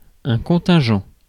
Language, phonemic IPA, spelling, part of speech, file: French, /kɔ̃.tɛ̃.ʒɑ̃/, contingent, adjective / noun, Fr-contingent.ogg
- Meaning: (adjective) contingent; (noun) quota